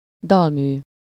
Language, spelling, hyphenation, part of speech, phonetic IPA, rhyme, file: Hungarian, dalmű, dal‧mű, noun, [ˈdɒlmyː], -myː, Hu-dalmű.ogg
- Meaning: opera